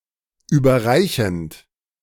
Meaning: present participle of überreichen
- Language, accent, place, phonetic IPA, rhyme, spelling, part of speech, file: German, Germany, Berlin, [ˌyːbɐˈʁaɪ̯çn̩t], -aɪ̯çn̩t, überreichend, verb, De-überreichend.ogg